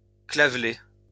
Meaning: sheeppox
- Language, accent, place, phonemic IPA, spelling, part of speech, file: French, France, Lyon, /kla.vle/, clavelée, noun, LL-Q150 (fra)-clavelée.wav